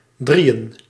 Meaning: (numeral) 1. plural of drie 2. inflection of drie: masculine accusative/dative singular 3. inflection of drie: neuter dative singular 4. inflection of drie: dative plural
- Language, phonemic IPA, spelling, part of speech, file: Dutch, /ˈdrijə(n)/, drieën, noun / numeral, Nl-drieën.ogg